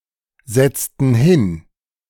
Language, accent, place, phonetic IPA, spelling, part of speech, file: German, Germany, Berlin, [ˌzɛt͡stn̩ ˈhɪn], setzten hin, verb, De-setzten hin.ogg
- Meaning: inflection of hinsetzen: 1. first/third-person plural preterite 2. first/third-person plural subjunctive II